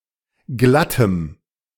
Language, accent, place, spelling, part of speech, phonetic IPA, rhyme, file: German, Germany, Berlin, glattem, adjective, [ˈɡlatəm], -atəm, De-glattem.ogg
- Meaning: strong dative masculine/neuter singular of glatt